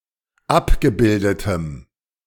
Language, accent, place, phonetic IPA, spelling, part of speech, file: German, Germany, Berlin, [ˈapɡəˌbɪldətəm], abgebildetem, adjective, De-abgebildetem.ogg
- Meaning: strong dative masculine/neuter singular of abgebildet